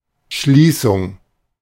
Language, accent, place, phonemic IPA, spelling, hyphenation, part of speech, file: German, Germany, Berlin, /ˈʃliːsʊŋ/, Schließung, Schlie‧ßung, noun, De-Schließung.ogg
- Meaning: 1. closure (all senses) 2. conclusion